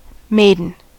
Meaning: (noun) 1. A girl or an unmarried young woman 2. A female virgin 3. A man with no experience of sex, especially because of deliberate abstention 4. A maidservant 5. A clothes maiden
- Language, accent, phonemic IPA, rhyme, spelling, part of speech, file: English, US, /ˈmeɪdən/, -eɪdən, maiden, noun / adjective, En-us-maiden.ogg